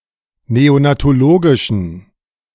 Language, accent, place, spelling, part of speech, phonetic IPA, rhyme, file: German, Germany, Berlin, neonatologischen, adjective, [ˌneonatoˈloːɡɪʃn̩], -oːɡɪʃn̩, De-neonatologischen.ogg
- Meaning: inflection of neonatologisch: 1. strong genitive masculine/neuter singular 2. weak/mixed genitive/dative all-gender singular 3. strong/weak/mixed accusative masculine singular 4. strong dative plural